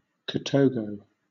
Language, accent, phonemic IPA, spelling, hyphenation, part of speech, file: English, Southern England, /kɑˈtoʊɡoʊ/, katogo, ka‧to‧go, noun, LL-Q1860 (eng)-katogo.wav
- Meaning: A traditional breakfast dish consisting of a sauce containing legumes and offal to which a staple such as cassava or matoke (“mashed boiled bananas or plantains”) is added, all cooked in the same pot